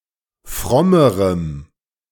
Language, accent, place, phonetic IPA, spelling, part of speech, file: German, Germany, Berlin, [ˈfʁɔməʁəm], frommerem, adjective, De-frommerem.ogg
- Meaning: strong dative masculine/neuter singular comparative degree of fromm